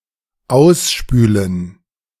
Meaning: to rinse (out), wash out
- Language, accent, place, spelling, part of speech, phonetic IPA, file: German, Germany, Berlin, ausspülen, verb, [ˈaʊ̯sˌʃpyːlən], De-ausspülen.ogg